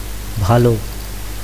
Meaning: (adjective) good; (adverb) well
- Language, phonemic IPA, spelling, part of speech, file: Bengali, /bʱalo/, ভালো, adjective / adverb, Bn-ভালো.ogg